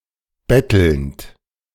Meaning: present participle of betteln
- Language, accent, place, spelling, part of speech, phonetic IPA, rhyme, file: German, Germany, Berlin, bettelnd, verb, [ˈbɛtl̩nt], -ɛtl̩nt, De-bettelnd.ogg